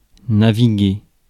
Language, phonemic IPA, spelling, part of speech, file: French, /na.vi.ɡe/, naviguer, verb, Fr-naviguer.ogg
- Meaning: 1. to navigate 2. to sail 3. to browse 4. to steer an automobile